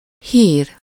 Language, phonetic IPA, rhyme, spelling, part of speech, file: Hungarian, [ˈhiːr], -iːr, hír, noun, Hu-hír.ogg
- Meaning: 1. news, information 2. news item 3. knowledge of a thing or event 4. rumor 5. reputation